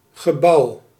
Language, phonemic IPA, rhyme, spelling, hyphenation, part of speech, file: Dutch, /ɣəˈbɑu̯/, -ɑu̯, gebouw, ge‧bouw, noun, Nl-gebouw.ogg
- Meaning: building, structure, construction